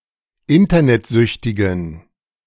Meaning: inflection of internetsüchtig: 1. strong genitive masculine/neuter singular 2. weak/mixed genitive/dative all-gender singular 3. strong/weak/mixed accusative masculine singular 4. strong dative plural
- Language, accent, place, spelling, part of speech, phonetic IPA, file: German, Germany, Berlin, internetsüchtigen, adjective, [ˈɪntɐnɛtˌzʏçtɪɡn̩], De-internetsüchtigen.ogg